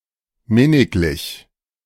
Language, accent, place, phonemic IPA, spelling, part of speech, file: German, Germany, Berlin, /ˈmɪnɪklɪç/, minniglich, adjective, De-minniglich.ogg
- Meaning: synonym of minnig